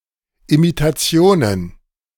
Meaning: plural of Imitation
- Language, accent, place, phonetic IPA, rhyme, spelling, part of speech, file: German, Germany, Berlin, [imitaˈt͡si̯oːnən], -oːnən, Imitationen, noun, De-Imitationen.ogg